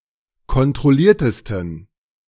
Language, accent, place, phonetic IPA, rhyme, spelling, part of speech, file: German, Germany, Berlin, [kɔntʁɔˈliːɐ̯təstn̩], -iːɐ̯təstn̩, kontrolliertesten, adjective, De-kontrolliertesten.ogg
- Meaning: 1. superlative degree of kontrolliert 2. inflection of kontrolliert: strong genitive masculine/neuter singular superlative degree